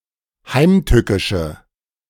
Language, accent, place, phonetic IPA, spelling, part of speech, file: German, Germany, Berlin, [ˈhaɪ̯mˌtʏkɪʃə], heimtückische, adjective, De-heimtückische.ogg
- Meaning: inflection of heimtückisch: 1. strong/mixed nominative/accusative feminine singular 2. strong nominative/accusative plural 3. weak nominative all-gender singular